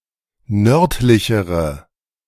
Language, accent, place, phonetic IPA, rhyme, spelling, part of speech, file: German, Germany, Berlin, [ˈnœʁtlɪçəʁə], -œʁtlɪçəʁə, nördlichere, adjective, De-nördlichere.ogg
- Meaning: inflection of nördlich: 1. strong/mixed nominative/accusative feminine singular comparative degree 2. strong nominative/accusative plural comparative degree